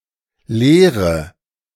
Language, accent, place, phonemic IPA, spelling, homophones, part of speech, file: German, Germany, Berlin, /ˈleːʁə/, Lehre, Leere / leere / lehre, noun, De-Lehre.ogg
- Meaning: 1. teaching, tenet 2. apprenticeship 3. doctrine 4. lesson 5. theory (system of knowledge related to one aspect of a field of study) 6. science 7. jig, gauge (tool)